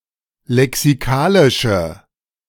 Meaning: inflection of lexikalisch: 1. strong/mixed nominative/accusative feminine singular 2. strong nominative/accusative plural 3. weak nominative all-gender singular
- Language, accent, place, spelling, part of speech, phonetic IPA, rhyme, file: German, Germany, Berlin, lexikalische, adjective, [lɛksiˈkaːlɪʃə], -aːlɪʃə, De-lexikalische.ogg